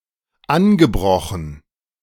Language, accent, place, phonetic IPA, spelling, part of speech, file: German, Germany, Berlin, [ˈanɡəˌbʁɔxn̩], angebrochen, verb, De-angebrochen.ogg
- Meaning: past participle of anbrechen